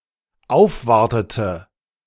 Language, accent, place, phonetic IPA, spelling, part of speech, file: German, Germany, Berlin, [ˈaʊ̯fˌvaʁtətə], aufwartete, verb, De-aufwartete.ogg
- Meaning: inflection of aufwarten: 1. first/third-person singular dependent preterite 2. first/third-person singular dependent subjunctive II